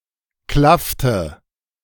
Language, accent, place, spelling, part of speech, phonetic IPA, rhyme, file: German, Germany, Berlin, klaffte, verb, [ˈklaftə], -aftə, De-klaffte.ogg
- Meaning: inflection of klaffen: 1. first/third-person singular preterite 2. first/third-person singular subjunctive II